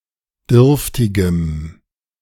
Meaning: strong dative masculine/neuter singular of dürftig
- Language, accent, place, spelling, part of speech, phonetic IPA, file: German, Germany, Berlin, dürftigem, adjective, [ˈdʏʁftɪɡəm], De-dürftigem.ogg